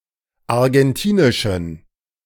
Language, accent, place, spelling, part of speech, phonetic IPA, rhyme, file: German, Germany, Berlin, argentinischen, adjective, [aʁɡɛnˈtiːnɪʃn̩], -iːnɪʃn̩, De-argentinischen.ogg
- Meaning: inflection of argentinisch: 1. strong genitive masculine/neuter singular 2. weak/mixed genitive/dative all-gender singular 3. strong/weak/mixed accusative masculine singular 4. strong dative plural